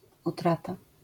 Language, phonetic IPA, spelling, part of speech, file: Polish, [uˈtrata], utrata, noun, LL-Q809 (pol)-utrata.wav